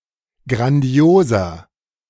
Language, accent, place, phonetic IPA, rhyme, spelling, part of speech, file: German, Germany, Berlin, [ɡʁanˈdi̯oːzɐ], -oːzɐ, grandioser, adjective, De-grandioser.ogg
- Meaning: 1. comparative degree of grandios 2. inflection of grandios: strong/mixed nominative masculine singular 3. inflection of grandios: strong genitive/dative feminine singular